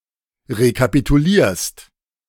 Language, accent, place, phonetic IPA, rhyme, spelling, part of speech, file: German, Germany, Berlin, [ʁekapituˈliːɐ̯st], -iːɐ̯st, rekapitulierst, verb, De-rekapitulierst.ogg
- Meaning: second-person singular present of rekapitulieren